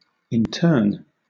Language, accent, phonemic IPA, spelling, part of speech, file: English, Southern England, /ɪnˈtɜːn/, intern, noun / verb / adjective, LL-Q1860 (eng)-intern.wav
- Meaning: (noun) A person who is interned, forcibly or voluntarily; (verb) To imprison somebody, usually without trial